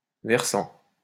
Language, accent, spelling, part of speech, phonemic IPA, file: French, France, versant, noun / verb, /vɛʁ.sɑ̃/, LL-Q150 (fra)-versant.wav
- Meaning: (noun) slope, side; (verb) present participle of verser